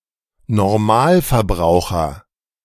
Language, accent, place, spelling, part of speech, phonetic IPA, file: German, Germany, Berlin, Normalverbraucher, noun, [nɔʁˈmaːlfɛɐ̯ˌbʁaʊ̯xɐ], De-Normalverbraucher.ogg
- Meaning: average consumer